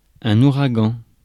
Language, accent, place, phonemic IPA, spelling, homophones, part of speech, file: French, France, Paris, /u.ʁa.ɡɑ̃/, ouragan, ouragans, noun, Fr-ouragan.ogg
- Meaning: hurricane